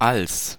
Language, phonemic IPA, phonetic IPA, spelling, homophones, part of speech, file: German, /als/, [al(t)s], als, Alls, conjunction, De-als.ogg
- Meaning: 1. at (approximately) the same moment, when, while, as 2. than 3. To the same degree that, as (distinguished from the aforementioned use in that comparison was between equals)